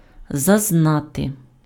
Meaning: 1. to know 2. to experience, to get to know
- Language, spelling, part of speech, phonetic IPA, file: Ukrainian, зазнати, verb, [zɐzˈnate], Uk-зазнати.ogg